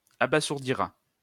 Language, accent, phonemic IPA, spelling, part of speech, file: French, France, /a.ba.zuʁ.di.ʁa/, abasourdira, verb, LL-Q150 (fra)-abasourdira.wav
- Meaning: third-person singular simple future of abasourdir